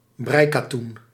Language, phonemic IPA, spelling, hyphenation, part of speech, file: Dutch, /ˈbrɛi̯.kaːˌtun/, breikatoen, brei‧ka‧toen, noun, Nl-breikatoen.ogg
- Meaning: knitting cotton